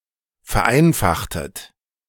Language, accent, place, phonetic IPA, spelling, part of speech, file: German, Germany, Berlin, [fɛɐ̯ˈʔaɪ̯nfaxtət], vereinfachtet, verb, De-vereinfachtet.ogg
- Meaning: inflection of vereinfachen: 1. second-person plural preterite 2. second-person plural subjunctive II